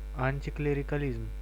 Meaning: anticlericalism
- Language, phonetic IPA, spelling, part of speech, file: Russian, [ˌanʲtʲɪklʲɪrʲɪkɐˈlʲizm], антиклерикализм, noun, Ru-антиклерикализм.ogg